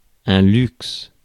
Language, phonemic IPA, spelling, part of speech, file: French, /lyks/, luxe, noun / verb, Fr-luxe.ogg
- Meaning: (noun) luxury; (verb) inflection of luxer: 1. first/third-person singular present indicative/subjunctive 2. second-person singular imperative